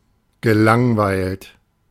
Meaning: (verb) past participle of langweilen; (adjective) bored
- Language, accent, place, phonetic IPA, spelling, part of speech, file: German, Germany, Berlin, [ɡəˈlaŋˌvaɪ̯lt], gelangweilt, adjective / verb, De-gelangweilt.ogg